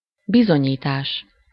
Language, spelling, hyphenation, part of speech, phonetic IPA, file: Hungarian, bizonyítás, bi‧zo‧nyí‧tás, noun, [ˈbizoɲiːtaːʃ], Hu-bizonyítás.ogg
- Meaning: proof (any effort, process, or operation designed to establish or discover a fact or truth)